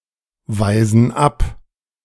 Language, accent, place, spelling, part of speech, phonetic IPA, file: German, Germany, Berlin, weisen ab, verb, [ˌvaɪ̯zn̩ ˈap], De-weisen ab.ogg
- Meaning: inflection of abweisen: 1. first/third-person plural present 2. first/third-person plural subjunctive I